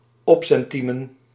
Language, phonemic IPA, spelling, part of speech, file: Dutch, /ˈɔpsɛnˌtimə(n)/, opcentiemen, noun, Nl-opcentiemen.ogg
- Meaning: plural of opcentiem